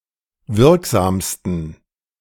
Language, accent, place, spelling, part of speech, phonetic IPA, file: German, Germany, Berlin, wirksamsten, adjective, [ˈvɪʁkˌzaːmstn̩], De-wirksamsten.ogg
- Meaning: 1. superlative degree of wirksam 2. inflection of wirksam: strong genitive masculine/neuter singular superlative degree